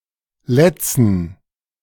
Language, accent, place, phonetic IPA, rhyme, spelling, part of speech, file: German, Germany, Berlin, [ˈlɛt͡sn̩], -ɛt͡sn̩, Lätzen, noun, De-Lätzen.ogg
- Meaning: dative plural of Latz